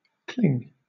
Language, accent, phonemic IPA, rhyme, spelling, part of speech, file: English, Southern England, /ˈklɪŋ/, -ɪŋ, cling, noun / verb / interjection, LL-Q1860 (eng)-cling.wav
- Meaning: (noun) 1. Fruit (especially peach) whose flesh adheres strongly to the pit 2. Adherence; attachment; devotion 3. An ornament that clings to a window so as to be seen from outside